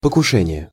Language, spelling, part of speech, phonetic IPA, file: Russian, покушение, noun, [pəkʊˈʂɛnʲɪje], Ru-покушение.ogg
- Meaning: attempt (attack)